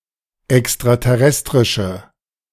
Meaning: Inflected form of extraterrestrisch
- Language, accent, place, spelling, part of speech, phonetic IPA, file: German, Germany, Berlin, extraterrestrische, adjective, [ɛkstʁatɛˈʁɛstʁɪʃə], De-extraterrestrische.ogg